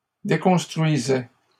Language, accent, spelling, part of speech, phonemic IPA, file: French, Canada, déconstruisaient, verb, /de.kɔ̃s.tʁɥi.zɛ/, LL-Q150 (fra)-déconstruisaient.wav
- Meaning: third-person plural imperfect indicative of déconstruire